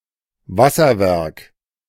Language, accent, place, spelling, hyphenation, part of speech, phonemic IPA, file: German, Germany, Berlin, Wasserwerk, Was‧ser‧werk, noun, /ˈvasɐˌvɛʁk/, De-Wasserwerk.ogg
- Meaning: waterworks